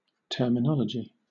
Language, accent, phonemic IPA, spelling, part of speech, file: English, Southern England, /ˌtɜː.məˈnɒl.ə.d͡ʒi/, terminology, noun, LL-Q1860 (eng)-terminology.wav
- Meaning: 1. A treatise on terms, especially those used in a specialised field 2. The set of terms actually used in any business, art, science, or the like; nomenclature; technical terms